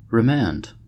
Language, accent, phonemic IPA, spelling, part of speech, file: English, US, /ɹəˈmænd/, remand, noun / verb, En-us-remand.ogg
- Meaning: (noun) 1. The act of sending an accused person back into custody whilst awaiting trial 2. The act of an appellate court sending a matter back to a lower court for review or disposal